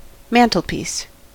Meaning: A shelf that is affixed to the wall above a fireplace
- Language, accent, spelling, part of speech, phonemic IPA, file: English, US, mantelpiece, noun, /ˈmæntlpiːs/, En-us-mantelpiece.ogg